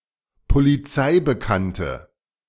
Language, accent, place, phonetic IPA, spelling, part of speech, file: German, Germany, Berlin, [poliˈt͡saɪ̯bəˌkantə], polizeibekannte, adjective, De-polizeibekannte.ogg
- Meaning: inflection of polizeibekannt: 1. strong/mixed nominative/accusative feminine singular 2. strong nominative/accusative plural 3. weak nominative all-gender singular